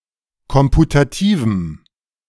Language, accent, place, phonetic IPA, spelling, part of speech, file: German, Germany, Berlin, [ˈkɔmputatiːvm̩], komputativem, adjective, De-komputativem.ogg
- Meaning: strong dative masculine/neuter singular of komputativ